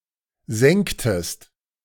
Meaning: inflection of senken: 1. second-person singular preterite 2. second-person singular subjunctive II
- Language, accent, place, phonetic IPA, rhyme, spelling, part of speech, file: German, Germany, Berlin, [ˈzɛŋktəst], -ɛŋktəst, senktest, verb, De-senktest.ogg